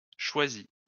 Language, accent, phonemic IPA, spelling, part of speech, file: French, France, /ʃwa.zi/, choisit, verb, LL-Q150 (fra)-choisit.wav
- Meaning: inflection of choisir: 1. third-person singular indicative 2. third-person singular past historic